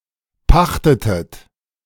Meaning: inflection of pachten: 1. second-person plural preterite 2. second-person plural subjunctive II
- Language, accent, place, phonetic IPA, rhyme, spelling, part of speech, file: German, Germany, Berlin, [ˈpaxtətət], -axtətət, pachtetet, verb, De-pachtetet.ogg